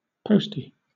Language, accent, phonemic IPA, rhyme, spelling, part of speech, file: English, Southern England, /ˈpəʊsti/, -əʊsti, postie, noun, LL-Q1860 (eng)-postie.wav
- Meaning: 1. Diminutive of postman or postwoman 2. Diminutive of postal worker 3. A post-leftist (an adherent of post-left anarchism)